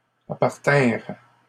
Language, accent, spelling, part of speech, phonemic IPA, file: French, Canada, appartinrent, verb, /a.paʁ.tɛ̃ʁ/, LL-Q150 (fra)-appartinrent.wav
- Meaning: third-person plural past historic of appartenir